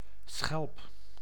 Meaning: shell (e.g. of a mollusk)
- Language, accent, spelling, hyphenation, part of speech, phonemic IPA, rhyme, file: Dutch, Netherlands, schelp, schelp, noun, /sxɛlp/, -ɛlp, Nl-schelp.ogg